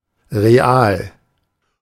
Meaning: 1. real (that has physical existence) 2. real, realistic (pertaining to reality) 3. real-world, practical, particularly (now chiefly archaic) concerned with actual things as opposed to words or ideas
- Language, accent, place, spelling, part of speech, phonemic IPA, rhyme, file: German, Germany, Berlin, real, adjective, /ʁeˈal/, -aːl, De-real.ogg